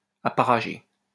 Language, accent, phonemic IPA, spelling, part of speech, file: French, France, /a.pa.ʁa.ʒe/, apparagé, verb / adjective, LL-Q150 (fra)-apparagé.wav
- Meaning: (verb) past participle of apparager; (adjective) married